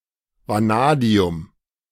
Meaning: vanadium (a metallic chemical element with an atomic number of 23)
- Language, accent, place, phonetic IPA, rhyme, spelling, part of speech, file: German, Germany, Berlin, [vaˈnaːdi̯ʊm], -aːdi̯ʊm, Vanadium, noun, De-Vanadium.ogg